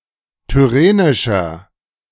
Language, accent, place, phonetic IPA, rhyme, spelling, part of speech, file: German, Germany, Berlin, [tʏˈʁeːnɪʃɐ], -eːnɪʃɐ, tyrrhenischer, adjective, De-tyrrhenischer.ogg
- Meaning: inflection of tyrrhenisch: 1. strong/mixed nominative masculine singular 2. strong genitive/dative feminine singular 3. strong genitive plural